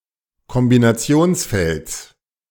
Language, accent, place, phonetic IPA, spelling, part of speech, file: German, Germany, Berlin, [kɔmbinaˈt͡si̯oːnsˌfɛlt͡s], Kombinationsfelds, noun, De-Kombinationsfelds.ogg
- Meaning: genitive singular of Kombinationsfeld